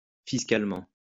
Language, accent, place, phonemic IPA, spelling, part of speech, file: French, France, Lyon, /fis.kal.mɑ̃/, fiscalement, adverb, LL-Q150 (fra)-fiscalement.wav
- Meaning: fiscally